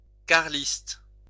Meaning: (adjective) Carlist
- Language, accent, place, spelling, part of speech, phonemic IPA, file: French, France, Lyon, carliste, adjective / noun, /kaʁ.list/, LL-Q150 (fra)-carliste.wav